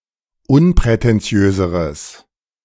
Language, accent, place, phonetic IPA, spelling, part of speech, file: German, Germany, Berlin, [ˈʊnpʁɛtɛnˌt͡si̯øːzəʁəs], unprätentiöseres, adjective, De-unprätentiöseres.ogg
- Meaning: strong/mixed nominative/accusative neuter singular comparative degree of unprätentiös